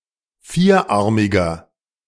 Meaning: inflection of vierarmig: 1. strong genitive masculine/neuter singular 2. weak/mixed genitive/dative all-gender singular 3. strong/weak/mixed accusative masculine singular 4. strong dative plural
- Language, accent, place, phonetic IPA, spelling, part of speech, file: German, Germany, Berlin, [ˈfiːɐ̯ˌʔaʁmɪɡn̩], vierarmigen, adjective, De-vierarmigen.ogg